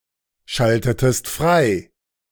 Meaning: inflection of freischalten: 1. second-person singular preterite 2. second-person singular subjunctive II
- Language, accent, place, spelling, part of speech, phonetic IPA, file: German, Germany, Berlin, schaltetest frei, verb, [ˌʃaltətəst ˈfʁaɪ̯], De-schaltetest frei.ogg